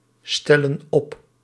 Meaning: inflection of opstellen: 1. plural present indicative 2. plural present subjunctive
- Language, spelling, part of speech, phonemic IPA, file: Dutch, stellen op, verb, /ˈstɛlə(n) ˈɔp/, Nl-stellen op.ogg